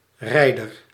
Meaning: 1. a rider, someone who rides 2. a soldier with the rank of soldaat in the Korps Rijdende Artillerie
- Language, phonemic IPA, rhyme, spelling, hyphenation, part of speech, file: Dutch, /ˈrɛi̯.dər/, -ɛi̯dər, rijder, rij‧der, noun, Nl-rijder.ogg